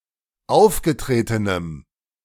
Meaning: strong dative masculine/neuter singular of aufgetreten
- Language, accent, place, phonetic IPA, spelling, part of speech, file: German, Germany, Berlin, [ˈaʊ̯fɡəˌtʁeːtənəm], aufgetretenem, adjective, De-aufgetretenem.ogg